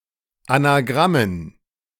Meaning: dative plural of Anagramm
- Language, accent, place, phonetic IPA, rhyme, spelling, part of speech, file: German, Germany, Berlin, [anaˈɡʁamən], -amən, Anagrammen, noun, De-Anagrammen.ogg